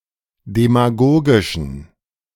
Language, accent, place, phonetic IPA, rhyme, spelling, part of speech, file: German, Germany, Berlin, [demaˈɡoːɡɪʃn̩], -oːɡɪʃn̩, demagogischen, adjective, De-demagogischen.ogg
- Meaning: inflection of demagogisch: 1. strong genitive masculine/neuter singular 2. weak/mixed genitive/dative all-gender singular 3. strong/weak/mixed accusative masculine singular 4. strong dative plural